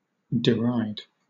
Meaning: 1. To laugh at or mock (someone or something) harshly; to ridicule, to scorn 2. To laugh in a harshly mocking manner
- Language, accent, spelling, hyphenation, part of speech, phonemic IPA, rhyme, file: English, Southern England, deride, de‧ride, verb, /dɪˈɹaɪd/, -aɪd, LL-Q1860 (eng)-deride.wav